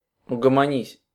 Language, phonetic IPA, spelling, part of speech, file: Russian, [ʊɡəmɐˈnʲisʲ], угомонись, verb, Ru-угомонись.ogg
- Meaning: second-person singular imperative perfective of угомони́ться (ugomonítʹsja)